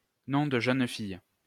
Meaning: maiden name
- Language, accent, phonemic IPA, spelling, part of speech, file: French, France, /nɔ̃ d(ə) ʒœn fij/, nom de jeune fille, noun, LL-Q150 (fra)-nom de jeune fille.wav